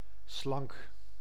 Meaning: slender, slim
- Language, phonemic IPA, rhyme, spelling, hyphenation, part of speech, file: Dutch, /slɑŋk/, -ɑŋk, slank, slank, adjective, Nl-slank.ogg